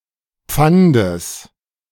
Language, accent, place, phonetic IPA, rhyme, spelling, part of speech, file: German, Germany, Berlin, [ˈp͡fandəs], -andəs, Pfandes, noun, De-Pfandes.ogg
- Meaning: genitive singular of Pfand